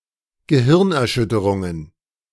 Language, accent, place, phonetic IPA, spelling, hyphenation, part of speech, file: German, Germany, Berlin, [ɡəˈhɪʁnʔɛɐ̯ˌʃʏtəʁʊŋən], Gehirnerschütterungen, Ge‧hirn‧er‧schüt‧te‧run‧gen, noun, De-Gehirnerschütterungen.ogg
- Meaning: plural of Gehirnerschütterung